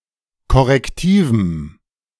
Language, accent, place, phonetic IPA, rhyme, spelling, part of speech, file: German, Germany, Berlin, [kɔʁɛkˈtiːvm̩], -iːvm̩, korrektivem, adjective, De-korrektivem.ogg
- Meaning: strong dative masculine/neuter singular of korrektiv